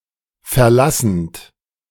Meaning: present participle of verlassen
- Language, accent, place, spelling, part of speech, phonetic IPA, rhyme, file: German, Germany, Berlin, verlassend, verb, [fɛɐ̯ˈlasn̩t], -asn̩t, De-verlassend.ogg